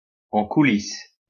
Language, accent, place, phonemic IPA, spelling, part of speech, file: French, France, Lyon, /ɑ̃ ku.lis/, en coulisse, prepositional phrase, LL-Q150 (fra)-en coulisse.wav
- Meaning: 1. backstage 2. behind the scenes